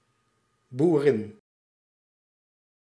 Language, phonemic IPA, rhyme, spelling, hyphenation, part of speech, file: Dutch, /buˈrɪn/, -ɪn, boerin, boe‧rin, noun, Nl-boerin.ogg
- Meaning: 1. female farmer 2. farmer's wife